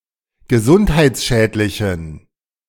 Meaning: inflection of gesundheitsschädlich: 1. strong genitive masculine/neuter singular 2. weak/mixed genitive/dative all-gender singular 3. strong/weak/mixed accusative masculine singular
- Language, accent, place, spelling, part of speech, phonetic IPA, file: German, Germany, Berlin, gesundheitsschädlichen, adjective, [ɡəˈzʊnthaɪ̯t͡sˌʃɛːtlɪçn̩], De-gesundheitsschädlichen.ogg